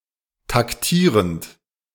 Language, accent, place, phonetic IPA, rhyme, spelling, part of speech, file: German, Germany, Berlin, [takˈtiːʁənt], -iːʁənt, taktierend, verb, De-taktierend.ogg
- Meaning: present participle of taktieren